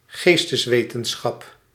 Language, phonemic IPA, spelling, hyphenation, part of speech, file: Dutch, /ˈɣeːs.təsˌʋeː.tə(n).sxɑp/, geesteswetenschap, gees‧tes‧we‧ten‧schap, noun, Nl-geesteswetenschap.ogg
- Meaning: 1. the humanities 2. discipline within the humanities